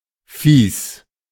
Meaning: 1. disgusting, disagreeable 2. mean, uncomfortable, not nice 3. mean or otherwise dislikeable 4. disgusted
- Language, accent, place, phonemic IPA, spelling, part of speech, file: German, Germany, Berlin, /fiːs/, fies, adjective, De-fies.ogg